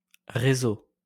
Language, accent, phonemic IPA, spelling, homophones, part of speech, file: French, France, /ʁe.zo/, réseau, réseaux, noun, LL-Q150 (fra)-réseau.wav
- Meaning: network